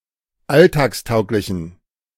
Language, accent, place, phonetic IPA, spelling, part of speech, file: German, Germany, Berlin, [ˈaltaːksˌtaʊ̯klɪçn̩], alltagstauglichen, adjective, De-alltagstauglichen.ogg
- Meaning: inflection of alltagstauglich: 1. strong genitive masculine/neuter singular 2. weak/mixed genitive/dative all-gender singular 3. strong/weak/mixed accusative masculine singular 4. strong dative plural